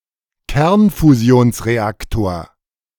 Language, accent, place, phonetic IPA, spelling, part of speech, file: German, Germany, Berlin, [ˈkɛʁnfuzi̯oːnsʁeˌaktoːɐ̯], Kernfusionsreaktor, noun, De-Kernfusionsreaktor.ogg
- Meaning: nuclear fusion reactor